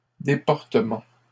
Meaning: 1. a bad way of life 2. swerve
- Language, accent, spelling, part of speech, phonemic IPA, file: French, Canada, déportement, noun, /de.pɔʁ.tə.mɑ̃/, LL-Q150 (fra)-déportement.wav